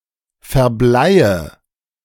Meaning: inflection of verbleien: 1. first-person singular present 2. first/third-person singular subjunctive I 3. singular imperative
- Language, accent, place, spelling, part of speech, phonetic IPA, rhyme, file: German, Germany, Berlin, verbleie, verb, [fɛɐ̯ˈblaɪ̯ə], -aɪ̯ə, De-verbleie.ogg